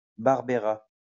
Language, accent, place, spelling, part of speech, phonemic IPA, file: French, France, Lyon, barbera, verb, /baʁ.bə.ʁa/, LL-Q150 (fra)-barbera.wav
- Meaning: third-person singular simple future of barber